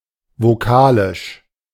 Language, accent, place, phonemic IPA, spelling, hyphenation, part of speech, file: German, Germany, Berlin, /voˈkaːlɪʃ/, vokalisch, vo‧ka‧lisch, adjective, De-vokalisch.ogg
- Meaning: vocalic